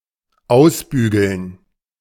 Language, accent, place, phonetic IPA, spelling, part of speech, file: German, Germany, Berlin, [ˈaʊ̯sˌbyːɡl̩n], ausbügeln, verb, De-ausbügeln.ogg
- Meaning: to iron out